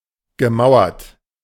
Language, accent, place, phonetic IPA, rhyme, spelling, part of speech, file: German, Germany, Berlin, [ɡəˈmaʊ̯ɐt], -aʊ̯ɐt, gemauert, verb, De-gemauert.ogg
- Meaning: past participle of mauern